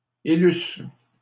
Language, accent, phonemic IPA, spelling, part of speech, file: French, Canada, /e.lys/, élusse, verb, LL-Q150 (fra)-élusse.wav
- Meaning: first-person singular imperfect subjunctive of élire